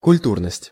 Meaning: culture, standard of culture
- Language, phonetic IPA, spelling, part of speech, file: Russian, [kʊlʲˈturnəsʲtʲ], культурность, noun, Ru-культурность.ogg